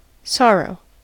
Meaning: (noun) 1. unhappiness, woe 2. (usually in plural) An instance or cause of unhappiness; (verb) 1. To feel or express grief 2. To feel grief over; to mourn, regret
- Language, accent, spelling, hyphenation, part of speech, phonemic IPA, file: English, US, sorrow, sor‧row, noun / verb, /ˈsɑɹoʊ/, En-us-sorrow.ogg